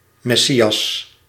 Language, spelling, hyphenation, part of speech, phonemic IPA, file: Dutch, Messias, Mes‧si‧as, proper noun, /ˌmɛˈsi.ɑs/, Nl-Messias.ogg
- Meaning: Messiah, Jesus Christ